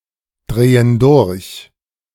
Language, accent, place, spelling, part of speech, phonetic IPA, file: German, Germany, Berlin, drehen durch, verb, [ˌdʁeːən ˈdʊʁç], De-drehen durch.ogg
- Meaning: inflection of durchdrehen: 1. first/third-person plural present 2. first/third-person plural subjunctive I